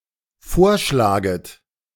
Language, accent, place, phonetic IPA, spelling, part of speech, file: German, Germany, Berlin, [ˈfoːɐ̯ˌʃlaːɡət], vorschlaget, verb, De-vorschlaget.ogg
- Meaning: second-person plural dependent subjunctive I of vorschlagen